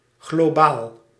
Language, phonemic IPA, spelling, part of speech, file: Dutch, /ɣloˈbal/, globaal, adjective, Nl-globaal.ogg
- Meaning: 1. general, not precise, rough 2. global, worldwide